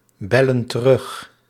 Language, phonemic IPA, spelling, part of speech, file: Dutch, /ˈbɛlə(n) t(ə)ˈrʏx/, bellen terug, verb, Nl-bellen terug.ogg
- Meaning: inflection of terugbellen: 1. plural present indicative 2. plural present subjunctive